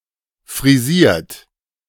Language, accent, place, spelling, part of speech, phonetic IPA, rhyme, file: German, Germany, Berlin, frisiert, adjective / verb, [fʁiˈziːɐ̯t], -iːɐ̯t, De-frisiert.ogg
- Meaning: 1. past participle of frisieren 2. inflection of frisieren: third-person singular present 3. inflection of frisieren: second-person plural present 4. inflection of frisieren: plural imperative